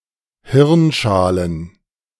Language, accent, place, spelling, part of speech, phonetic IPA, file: German, Germany, Berlin, Hirnschalen, noun, [ˈhɪʁnˌʃaːlən], De-Hirnschalen.ogg
- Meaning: plural of Hirnschale